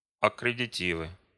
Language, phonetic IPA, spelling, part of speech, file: Russian, [ɐkrʲɪdʲɪˈtʲivɨ], аккредитивы, noun, Ru-аккредитивы.ogg
- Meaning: nominative/accusative plural of аккредити́в (akkreditív)